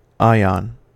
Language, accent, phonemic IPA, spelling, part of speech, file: English, US, /ˈaɪ.ɑn/, ion, noun, En-us-ion.ogg
- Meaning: An atom or group of atoms bearing an electrical charge, such as the sodium and chlorine atoms in a salt solution